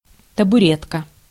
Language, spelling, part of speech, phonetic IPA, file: Russian, табуретка, noun, [təbʊˈrʲetkə], Ru-табуретка.ogg
- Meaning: stool (a seat)